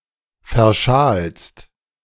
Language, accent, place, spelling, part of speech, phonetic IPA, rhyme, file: German, Germany, Berlin, verschalst, verb, [fɛɐ̯ˈʃaːlst], -aːlst, De-verschalst.ogg
- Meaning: second-person singular present of verschalen